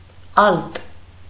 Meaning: 1. alto (voice) 2. alto (singer) 3. viola (musical instrument)
- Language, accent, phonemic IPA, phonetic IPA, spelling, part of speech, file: Armenian, Eastern Armenian, /ɑlt/, [ɑlt], ալտ, noun, Hy-ալտ.ogg